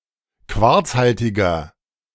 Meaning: inflection of quarzhaltig: 1. strong/mixed nominative masculine singular 2. strong genitive/dative feminine singular 3. strong genitive plural
- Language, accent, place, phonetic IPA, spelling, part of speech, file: German, Germany, Berlin, [ˈkvaʁt͡sˌhaltɪɡɐ], quarzhaltiger, adjective, De-quarzhaltiger.ogg